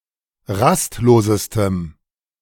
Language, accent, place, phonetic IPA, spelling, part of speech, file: German, Germany, Berlin, [ˈʁastˌloːzəstəm], rastlosestem, adjective, De-rastlosestem.ogg
- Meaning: strong dative masculine/neuter singular superlative degree of rastlos